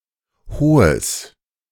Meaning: strong/mixed nominative/accusative neuter singular of hoch
- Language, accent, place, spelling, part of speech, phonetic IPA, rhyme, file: German, Germany, Berlin, hohes, adjective, [ˈhoːəs], -oːəs, De-hohes.ogg